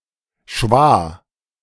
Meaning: 1. schwa (mid central vowel sound) 2. shva (one of the nikud (Hebrew vowel signs))
- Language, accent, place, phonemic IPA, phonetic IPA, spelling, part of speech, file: German, Germany, Berlin, /ʃvaː/, [ʃʋaː], Schwa, noun, De-Schwa.ogg